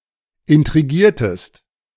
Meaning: inflection of intrigieren: 1. second-person singular preterite 2. second-person singular subjunctive II
- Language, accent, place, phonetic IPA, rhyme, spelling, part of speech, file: German, Germany, Berlin, [ɪntʁiˈɡiːɐ̯təst], -iːɐ̯təst, intrigiertest, verb, De-intrigiertest.ogg